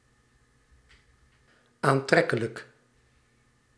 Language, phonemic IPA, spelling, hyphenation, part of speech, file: Dutch, /ˌaːnˈtrɛ.kə.lək/, aantrekkelijk, aan‧trek‧ke‧lijk, adjective, Nl-aantrekkelijk.ogg
- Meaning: attractive, beautiful